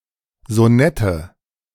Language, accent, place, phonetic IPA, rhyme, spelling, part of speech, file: German, Germany, Berlin, [zoˈnɛtə], -ɛtə, Sonette, noun, De-Sonette.ogg
- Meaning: nominative/accusative/genitive plural of Sonett